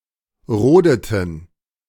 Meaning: inflection of roden: 1. first/third-person plural preterite 2. first/third-person plural subjunctive II
- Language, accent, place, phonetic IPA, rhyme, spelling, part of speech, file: German, Germany, Berlin, [ˈʁoːdətn̩], -oːdətn̩, rodeten, verb, De-rodeten.ogg